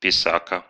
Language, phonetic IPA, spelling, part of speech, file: Russian, [pʲɪˈsakə], писака, noun, Ru-писа́ка.ogg
- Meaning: scribbler